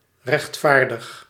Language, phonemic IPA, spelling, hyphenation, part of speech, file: Dutch, /ˌrɛxtˈfaːr.dəx/, rechtvaardig, recht‧vaar‧dig, adjective / verb, Nl-rechtvaardig.ogg
- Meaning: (adjective) fair, just; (verb) inflection of rechtvaardigen: 1. first-person singular present indicative 2. second-person singular present indicative 3. imperative